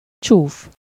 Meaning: ugly, hideous, unsightly
- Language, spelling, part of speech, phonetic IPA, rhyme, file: Hungarian, csúf, adjective, [ˈt͡ʃuːf], -uːf, Hu-csúf.ogg